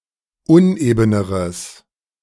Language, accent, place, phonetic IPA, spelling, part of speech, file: German, Germany, Berlin, [ˈʊnʔeːbənəʁəs], unebeneres, adjective, De-unebeneres.ogg
- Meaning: strong/mixed nominative/accusative neuter singular comparative degree of uneben